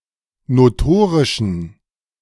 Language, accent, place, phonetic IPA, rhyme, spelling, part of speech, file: German, Germany, Berlin, [noˈtoːʁɪʃn̩], -oːʁɪʃn̩, notorischen, adjective, De-notorischen.ogg
- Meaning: inflection of notorisch: 1. strong genitive masculine/neuter singular 2. weak/mixed genitive/dative all-gender singular 3. strong/weak/mixed accusative masculine singular 4. strong dative plural